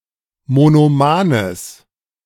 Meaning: strong/mixed nominative/accusative neuter singular of monoman
- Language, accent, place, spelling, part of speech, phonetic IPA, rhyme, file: German, Germany, Berlin, monomanes, adjective, [monoˈmaːnəs], -aːnəs, De-monomanes.ogg